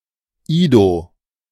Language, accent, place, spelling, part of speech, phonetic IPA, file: German, Germany, Berlin, Ido, noun, [iːdoː], De-Ido.ogg
- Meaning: Ido